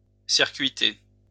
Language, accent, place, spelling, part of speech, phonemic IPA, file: French, France, Lyon, circuiter, verb, /siʁ.kɥi.te/, LL-Q150 (fra)-circuiter.wav
- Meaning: to circuit